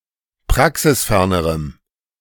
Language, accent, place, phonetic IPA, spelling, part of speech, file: German, Germany, Berlin, [ˈpʁaksɪsˌfɛʁnəʁəm], praxisfernerem, adjective, De-praxisfernerem.ogg
- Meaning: strong dative masculine/neuter singular comparative degree of praxisfern